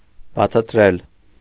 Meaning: to explain
- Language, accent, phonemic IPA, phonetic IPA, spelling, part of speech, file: Armenian, Eastern Armenian, /bɑt͡sʰɑtˈɾel/, [bɑt͡sʰɑtɾél], բացատրել, verb, Hy-բացատրել.ogg